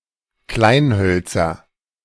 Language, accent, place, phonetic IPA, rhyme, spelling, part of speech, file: German, Germany, Berlin, [ˈklaɪ̯nˌhœlt͡sɐ], -aɪ̯nhœlt͡sɐ, Kleinhölzer, noun, De-Kleinhölzer.ogg
- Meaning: nominative/accusative/genitive plural of Kleinholz